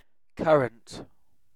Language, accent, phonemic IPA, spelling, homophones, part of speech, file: English, UK, /ˈkʌɹənt/, currant, current, noun, En-uk-currant.ogg
- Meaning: 1. A small dried grape, usually the Black Corinth grape 2. The fruit of various shrubs of the genus Ribes, white, black or red 3. A shrub bearing such fruit